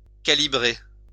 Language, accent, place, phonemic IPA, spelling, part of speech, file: French, France, Lyon, /ka.li.bʁe/, calibrer, verb, LL-Q150 (fra)-calibrer.wav
- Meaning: 1. to calibrate 2. to grade